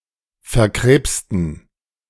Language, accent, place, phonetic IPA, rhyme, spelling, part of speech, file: German, Germany, Berlin, [fɛɐ̯ˈkʁeːpstn̩], -eːpstn̩, verkrebsten, adjective, De-verkrebsten.ogg
- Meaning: inflection of verkrebst: 1. strong genitive masculine/neuter singular 2. weak/mixed genitive/dative all-gender singular 3. strong/weak/mixed accusative masculine singular 4. strong dative plural